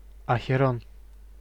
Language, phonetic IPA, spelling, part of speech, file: Russian, [ɐxʲɪˈron], Ахерон, proper noun, Ru-Ахерон.ogg
- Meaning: Acheron (a river in the Epirus region, in northwestern Greece)